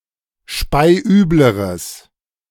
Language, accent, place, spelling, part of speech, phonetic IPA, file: German, Germany, Berlin, speiübleres, adjective, [ˈʃpaɪ̯ˈʔyːbləʁəs], De-speiübleres.ogg
- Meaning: strong/mixed nominative/accusative neuter singular comparative degree of speiübel